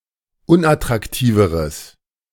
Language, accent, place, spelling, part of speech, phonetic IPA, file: German, Germany, Berlin, unattraktiveres, adjective, [ˈʊnʔatʁakˌtiːvəʁəs], De-unattraktiveres.ogg
- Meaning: strong/mixed nominative/accusative neuter singular comparative degree of unattraktiv